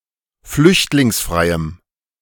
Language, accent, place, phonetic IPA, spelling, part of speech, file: German, Germany, Berlin, [ˈflʏçtlɪŋsˌfʁaɪ̯əm], flüchtlingsfreiem, adjective, De-flüchtlingsfreiem.ogg
- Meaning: strong dative masculine/neuter singular of flüchtlingsfrei